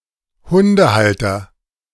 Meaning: dog owner, dog holder
- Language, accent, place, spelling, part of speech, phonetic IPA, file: German, Germany, Berlin, Hundehalter, noun, [ˈhʊndəˌhaltɐ], De-Hundehalter.ogg